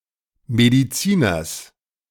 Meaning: genitive singular of Mediziner
- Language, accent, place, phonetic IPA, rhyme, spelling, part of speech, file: German, Germany, Berlin, [ˌmediˈt͡siːnɐs], -iːnɐs, Mediziners, noun, De-Mediziners.ogg